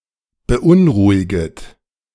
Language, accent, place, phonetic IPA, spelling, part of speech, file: German, Germany, Berlin, [bəˈʔʊnˌʁuːɪɡət], beunruhiget, verb, De-beunruhiget.ogg
- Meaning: second-person plural subjunctive I of beunruhigen